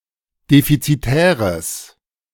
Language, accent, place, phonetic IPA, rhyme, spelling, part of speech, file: German, Germany, Berlin, [ˌdefit͡siˈtɛːʁəs], -ɛːʁəs, defizitäres, adjective, De-defizitäres.ogg
- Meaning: strong/mixed nominative/accusative neuter singular of defizitär